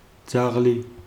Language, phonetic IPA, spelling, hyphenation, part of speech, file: Georgian, [d͡zäʁli], ძაღლი, ძაღ‧ლი, noun, Ka-ძაღლი.ogg
- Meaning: 1. dog 2. police officer